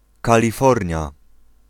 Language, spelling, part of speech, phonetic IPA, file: Polish, Kalifornia, proper noun, [ˌkalʲiˈfɔrʲɲja], Pl-Kalifornia.ogg